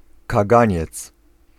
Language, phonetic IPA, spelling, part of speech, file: Polish, [kaˈɡãɲɛt͡s], kaganiec, noun, Pl-kaganiec.ogg